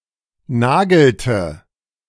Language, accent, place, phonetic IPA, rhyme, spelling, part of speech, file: German, Germany, Berlin, [ˈnaːɡl̩tə], -aːɡl̩tə, nagelte, verb, De-nagelte.ogg
- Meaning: inflection of nageln: 1. first/third-person singular preterite 2. first/third-person singular subjunctive II